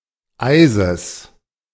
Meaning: genitive singular of Eis
- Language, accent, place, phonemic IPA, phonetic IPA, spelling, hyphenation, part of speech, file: German, Germany, Berlin, /ˈaɪ̯zəs/, [ˈʔaɪ̯zəs], Eises, Ei‧ses, noun, De-Eises.ogg